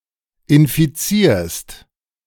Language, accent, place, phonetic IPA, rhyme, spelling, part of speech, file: German, Germany, Berlin, [ɪnfiˈt͡siːɐ̯st], -iːɐ̯st, infizierst, verb, De-infizierst.ogg
- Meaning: second-person singular present of infizieren